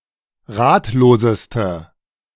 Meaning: inflection of ratlos: 1. strong/mixed nominative/accusative feminine singular superlative degree 2. strong nominative/accusative plural superlative degree
- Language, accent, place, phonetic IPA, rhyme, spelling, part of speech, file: German, Germany, Berlin, [ˈʁaːtloːzəstə], -aːtloːzəstə, ratloseste, adjective, De-ratloseste.ogg